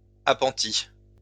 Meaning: lean-to, shed, appentice, pentice, pent, penthouse
- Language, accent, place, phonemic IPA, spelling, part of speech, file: French, France, Lyon, /a.pɑ̃.ti/, appentis, noun, LL-Q150 (fra)-appentis.wav